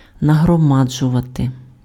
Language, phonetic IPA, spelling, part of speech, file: Ukrainian, [nɐɦrɔˈmad͡ʒʊʋɐte], нагромаджувати, verb, Uk-нагромаджувати.ogg
- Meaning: to accumulate, to pile up, to heap up